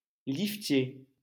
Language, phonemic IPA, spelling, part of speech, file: French, /lif.tje/, liftier, noun, LL-Q150 (fra)-liftier.wav
- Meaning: lift attendant